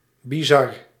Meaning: bizarre
- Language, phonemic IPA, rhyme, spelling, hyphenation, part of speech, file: Dutch, /biˈzɑr/, -ɑr, bizar, bi‧zar, adjective, Nl-bizar.ogg